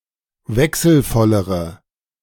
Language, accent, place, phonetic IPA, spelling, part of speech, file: German, Germany, Berlin, [ˈvɛksl̩ˌfɔləʁə], wechselvollere, adjective, De-wechselvollere.ogg
- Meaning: inflection of wechselvoll: 1. strong/mixed nominative/accusative feminine singular comparative degree 2. strong nominative/accusative plural comparative degree